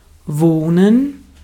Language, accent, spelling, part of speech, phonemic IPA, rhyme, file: German, Austria, wohnen, verb, /ˈvoːnən/, -oːnən, De-at-wohnen.ogg
- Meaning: to live, reside, dwell (to remain or be settled permanently, or for a considerable time)